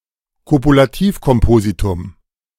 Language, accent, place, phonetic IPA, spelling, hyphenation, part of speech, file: German, Germany, Berlin, [kopulaˈtiːfkɔmˌpoːzitʊm], Kopulativkompositum, Ko‧pu‧la‧tiv‧kom‧po‧si‧tum, noun, De-Kopulativkompositum.ogg
- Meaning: dvandva